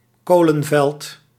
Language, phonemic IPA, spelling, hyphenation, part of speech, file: Dutch, /ˈkoː.lə(n)ˌvɛlt/, kolenveld, ko‧len‧veld, noun, Nl-kolenveld.ogg
- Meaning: coalfield (area with coal deposits)